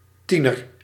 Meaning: teenager
- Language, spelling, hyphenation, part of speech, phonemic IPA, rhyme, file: Dutch, tiener, tie‧ner, noun, /ˈti.nər/, -inər, Nl-tiener.ogg